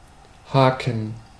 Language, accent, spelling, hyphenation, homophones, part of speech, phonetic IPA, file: German, Germany, haken, ha‧ken, Haken, verb, [ˈhaːkŋ], De-haken.ogg
- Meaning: 1. to hook (to attach a hook; catch with a hook; insert in a way reminiscent of a hook) 2. to hook (trip or block another player with one’s hockey stick) 3. to stick, get stuck, get caught